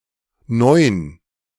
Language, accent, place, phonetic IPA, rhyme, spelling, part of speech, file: German, Germany, Berlin, [nɔɪ̯n], -ɔɪ̯n, Neun, noun, De-Neun.ogg
- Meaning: nine